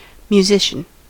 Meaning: A composer, conductor, or performer of music; specifically, a person who sings and/or plays a musical instrument as a hobby, occupation, or profession
- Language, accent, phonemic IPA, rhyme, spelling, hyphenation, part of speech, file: English, US, /mjuˈzɪʃən/, -ɪʃən, musician, mu‧si‧cian, noun, En-us-musician.ogg